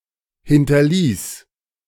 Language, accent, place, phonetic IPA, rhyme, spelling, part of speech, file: German, Germany, Berlin, [ˌhɪntɐˈliːs], -iːs, hinterließ, verb, De-hinterließ.ogg
- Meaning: first/third-person singular preterite of hinterlassen